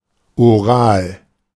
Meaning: mouth; oral
- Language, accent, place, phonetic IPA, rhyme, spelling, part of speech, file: German, Germany, Berlin, [oˈʁaːl], -aːl, oral, adjective, De-oral.ogg